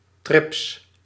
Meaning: thrips
- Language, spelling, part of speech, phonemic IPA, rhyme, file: Dutch, trips, noun, /trɪps/, -ɪps, Nl-trips.ogg